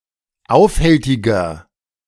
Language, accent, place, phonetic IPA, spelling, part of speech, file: German, Germany, Berlin, [ˈaʊ̯fˌhɛltɪɡɐ], aufhältiger, adjective, De-aufhältiger.ogg
- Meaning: inflection of aufhältig: 1. strong/mixed nominative masculine singular 2. strong genitive/dative feminine singular 3. strong genitive plural